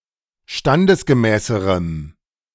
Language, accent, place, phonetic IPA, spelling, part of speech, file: German, Germany, Berlin, [ˈʃtandəsɡəˌmɛːsəʁəm], standesgemäßerem, adjective, De-standesgemäßerem.ogg
- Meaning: strong dative masculine/neuter singular comparative degree of standesgemäß